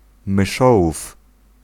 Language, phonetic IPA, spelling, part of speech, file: Polish, [mɨˈʃɔwuf], myszołów, noun, Pl-myszołów.ogg